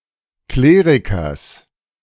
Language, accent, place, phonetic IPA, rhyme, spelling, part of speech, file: German, Germany, Berlin, [ˈkleːʁɪkɐs], -eːʁɪkɐs, Klerikers, noun, De-Klerikers.ogg
- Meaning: genitive singular of Kleriker